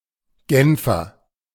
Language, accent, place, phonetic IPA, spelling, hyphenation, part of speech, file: German, Germany, Berlin, [ˈɡɛnfɐ], Genfer, Gen‧fer, noun / adjective, De-Genfer.ogg
- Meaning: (noun) Genevan (native or inhabitant of Geneva); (adjective) of Geneva